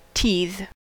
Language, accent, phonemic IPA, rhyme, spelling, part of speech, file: English, US, /tiːð/, -iːð, teethe, verb, En-us-teethe.ogg
- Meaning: 1. To grow teeth 2. To bite on something to relieve discomfort caused by growing teeth